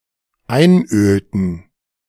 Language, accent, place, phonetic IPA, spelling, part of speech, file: German, Germany, Berlin, [ˈaɪ̯nˌʔøːltn̩], einölten, verb, De-einölten.ogg
- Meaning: inflection of einölen: 1. first/third-person plural dependent preterite 2. first/third-person plural dependent subjunctive II